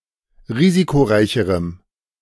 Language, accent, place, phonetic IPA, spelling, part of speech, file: German, Germany, Berlin, [ˈʁiːzikoˌʁaɪ̯çəʁəm], risikoreicherem, adjective, De-risikoreicherem.ogg
- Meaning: strong dative masculine/neuter singular comparative degree of risikoreich